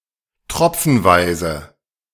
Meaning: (adjective) dropwise; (adverb) in drops, one drop at a time, dropwise
- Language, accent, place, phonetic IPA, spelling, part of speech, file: German, Germany, Berlin, [ˈtʁɔp͡fənˌvaɪ̯zə], tropfenweise, adverb, De-tropfenweise.ogg